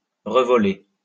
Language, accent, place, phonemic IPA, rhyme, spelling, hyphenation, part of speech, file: French, France, Lyon, /ʁə.vɔ.le/, -e, revoler, re‧vo‧ler, verb, LL-Q150 (fra)-revoler.wav
- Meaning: 1. to fly again or back 2. to squirt